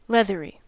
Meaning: Having the consistency, feel, or texture of leather
- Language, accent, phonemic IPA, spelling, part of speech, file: English, US, /ˈlɛðəɹi/, leathery, adjective, En-us-leathery.ogg